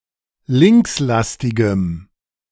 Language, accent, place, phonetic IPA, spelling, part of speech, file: German, Germany, Berlin, [ˈlɪŋksˌlastɪɡəm], linkslastigem, adjective, De-linkslastigem.ogg
- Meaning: strong dative masculine/neuter singular of linkslastig